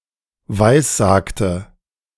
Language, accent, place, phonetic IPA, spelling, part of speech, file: German, Germany, Berlin, [ˈvaɪ̯sˌzaːktə], weissagte, verb, De-weissagte.ogg
- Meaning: inflection of weissagen: 1. first/third-person singular preterite 2. first/third-person singular subjunctive II